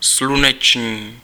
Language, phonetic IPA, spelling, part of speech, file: Czech, [ˈslunɛt͡ʃɲiː], sluneční, adjective, Cs-sluneční.ogg
- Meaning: 1. sun; solar 2. animate masculine nominative/vocative plural of slunečný